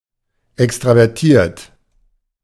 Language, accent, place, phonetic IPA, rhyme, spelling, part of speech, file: German, Germany, Berlin, [ˌɛkstʁavɛʁˈtiːɐ̯t], -iːɐ̯t, extravertiert, adjective, De-extravertiert.ogg
- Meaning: extroverted